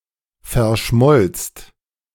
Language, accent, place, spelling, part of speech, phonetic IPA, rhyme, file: German, Germany, Berlin, verschmolzt, verb, [fɛɐ̯ˈʃmɔlt͡st], -ɔlt͡st, De-verschmolzt.ogg
- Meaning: second-person singular/plural preterite of verschmelzen